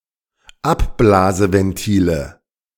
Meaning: nominative/accusative/genitive plural of Abblaseventil
- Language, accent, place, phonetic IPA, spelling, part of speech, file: German, Germany, Berlin, [ˈapˌblaːzəvɛnˌtiːlə], Abblaseventile, noun, De-Abblaseventile.ogg